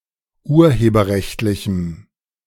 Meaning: strong dative masculine/neuter singular of urheberrechtlich
- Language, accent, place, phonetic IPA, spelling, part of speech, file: German, Germany, Berlin, [ˈuːɐ̯heːbɐˌʁɛçtlɪçm̩], urheberrechtlichem, adjective, De-urheberrechtlichem.ogg